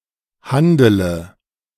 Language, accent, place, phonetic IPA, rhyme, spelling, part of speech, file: German, Germany, Berlin, [ˈhandələ], -andələ, handele, verb, De-handele.ogg
- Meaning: inflection of handeln: 1. first-person singular present 2. singular imperative 3. first/third-person singular subjunctive I